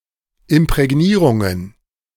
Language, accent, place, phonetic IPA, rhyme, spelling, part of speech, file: German, Germany, Berlin, [ɪmpʁɛˈɡniːʁʊŋən], -iːʁʊŋən, Imprägnierungen, noun, De-Imprägnierungen.ogg
- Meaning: plural of Imprägnierung